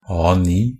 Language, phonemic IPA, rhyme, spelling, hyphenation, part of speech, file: Norwegian Bokmål, /ˈɑː.niː/, -iː, A9, A‧9, noun, NB - Pronunciation of Norwegian Bokmål «A9».ogg
- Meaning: A standard paper size, defined by ISO 216